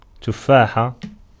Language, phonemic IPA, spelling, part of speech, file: Arabic, /tuf.faː.ħa/, تفاحة, noun, Ar-تفاحة.ogg
- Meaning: singulative of تُفَّاح (tuffāḥ): apple